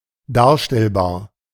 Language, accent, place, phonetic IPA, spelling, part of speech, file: German, Germany, Berlin, [ˈdaːɐ̯ʃtɛlˌbaːɐ̯], darstellbar, adjective, De-darstellbar.ogg
- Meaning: representable, depictable, describable, portrayable